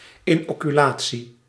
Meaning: inoculation (introduction of substance into the body to produce immunity)
- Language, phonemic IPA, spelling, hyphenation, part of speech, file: Dutch, /ɪnoːkyˈlaː(t)si/, inoculatie, in‧ocu‧la‧tie, noun, Nl-inoculatie.ogg